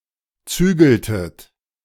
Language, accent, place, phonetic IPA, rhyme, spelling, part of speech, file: German, Germany, Berlin, [ˈt͡syːɡl̩tət], -yːɡl̩tət, zügeltet, verb, De-zügeltet.ogg
- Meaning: inflection of zügeln: 1. second-person plural preterite 2. second-person plural subjunctive II